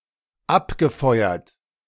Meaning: past participle of abfeuern
- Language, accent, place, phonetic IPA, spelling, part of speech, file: German, Germany, Berlin, [ˈapɡəˌfɔɪ̯ɐt], abgefeuert, verb, De-abgefeuert.ogg